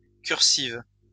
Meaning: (noun) cursive letter; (adjective) feminine singular of cursif
- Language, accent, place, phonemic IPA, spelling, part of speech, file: French, France, Lyon, /kyʁ.siv/, cursive, noun / adjective, LL-Q150 (fra)-cursive.wav